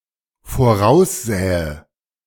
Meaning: first/third-person singular dependent subjunctive II of voraussehen
- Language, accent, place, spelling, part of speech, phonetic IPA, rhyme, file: German, Germany, Berlin, voraussähe, verb, [foˈʁaʊ̯sˌzɛːə], -aʊ̯szɛːə, De-voraussähe.ogg